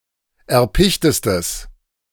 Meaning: strong/mixed nominative/accusative neuter singular superlative degree of erpicht
- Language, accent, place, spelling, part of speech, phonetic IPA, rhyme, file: German, Germany, Berlin, erpichtestes, adjective, [ɛɐ̯ˈpɪçtəstəs], -ɪçtəstəs, De-erpichtestes.ogg